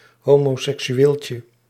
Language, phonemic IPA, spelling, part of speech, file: Dutch, /ˌhomoˌsɛksyˈwelcə/, homoseksueeltje, noun, Nl-homoseksueeltje.ogg
- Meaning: diminutive of homoseksueel